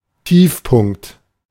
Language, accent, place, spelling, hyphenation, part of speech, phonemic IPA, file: German, Germany, Berlin, Tiefpunkt, Tief‧punkt, noun, /ˈtiːfpʊŋkt/, De-Tiefpunkt.ogg
- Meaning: bottom, lowest point, low point, low, trough, nadir